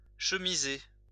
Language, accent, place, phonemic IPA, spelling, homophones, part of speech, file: French, France, Lyon, /ʃə.mi.ze/, chemisé, chemisai / chemisée / chemisées / chemiser / chemisés / chemisez, verb, LL-Q150 (fra)-chemisé.wav
- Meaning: past participle of chemiser